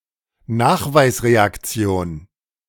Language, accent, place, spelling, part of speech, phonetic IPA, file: German, Germany, Berlin, Nachweisreaktion, noun, [ˈnaːxvaɪ̯sʁeakˌt͡si̯oːn], De-Nachweisreaktion.ogg
- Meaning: detection reaction